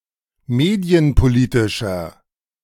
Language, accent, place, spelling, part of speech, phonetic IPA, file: German, Germany, Berlin, medienpolitischer, adjective, [ˈmeːdi̯ənpoˌliːtɪʃɐ], De-medienpolitischer.ogg
- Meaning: inflection of medienpolitisch: 1. strong/mixed nominative masculine singular 2. strong genitive/dative feminine singular 3. strong genitive plural